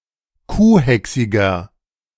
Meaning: inflection of kuhhächsig: 1. strong/mixed nominative masculine singular 2. strong genitive/dative feminine singular 3. strong genitive plural
- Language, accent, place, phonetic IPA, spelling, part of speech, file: German, Germany, Berlin, [ˈkuːˌhɛksɪɡɐ], kuhhächsiger, adjective, De-kuhhächsiger.ogg